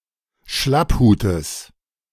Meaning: genitive singular of Schlapphut
- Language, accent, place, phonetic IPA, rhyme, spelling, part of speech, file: German, Germany, Berlin, [ˈʃlapˌhuːtəs], -aphuːtəs, Schlapphutes, noun, De-Schlapphutes.ogg